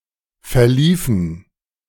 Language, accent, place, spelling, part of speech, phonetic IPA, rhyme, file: German, Germany, Berlin, verliefen, verb, [fɛɐ̯ˈliːfn̩], -iːfn̩, De-verliefen.ogg
- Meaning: inflection of verlaufen: 1. first/third-person plural preterite 2. first/third-person plural subjunctive II